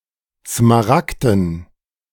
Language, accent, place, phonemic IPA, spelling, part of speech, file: German, Germany, Berlin, /smaˈrakdən/, smaragden, adjective, De-smaragden.ogg
- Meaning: 1. emerald 2. emerald-green